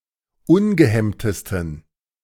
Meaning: 1. superlative degree of ungehemmt 2. inflection of ungehemmt: strong genitive masculine/neuter singular superlative degree
- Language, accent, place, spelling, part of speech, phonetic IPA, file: German, Germany, Berlin, ungehemmtesten, adjective, [ˈʊnɡəˌhɛmtəstn̩], De-ungehemmtesten.ogg